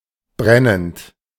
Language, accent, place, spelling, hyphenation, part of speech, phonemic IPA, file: German, Germany, Berlin, brennend, bren‧nend, verb / adjective, /ˈbʁɛnənt/, De-brennend.ogg
- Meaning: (verb) present participle of brennen; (adjective) blazing, flaming, burning